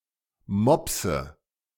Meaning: inflection of mopsen: 1. first-person singular present 2. first/third-person singular subjunctive I 3. singular imperative
- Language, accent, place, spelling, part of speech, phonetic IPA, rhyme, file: German, Germany, Berlin, mopse, verb, [ˈmɔpsə], -ɔpsə, De-mopse.ogg